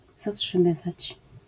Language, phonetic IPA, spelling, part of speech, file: Polish, [ˌzaṭʃɨ̃ˈmɨvat͡ɕ], zatrzymywać, verb, LL-Q809 (pol)-zatrzymywać.wav